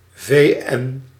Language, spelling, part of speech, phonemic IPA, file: Dutch, VN, proper noun, /veˈɛn/, Nl-VN.ogg
- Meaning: UN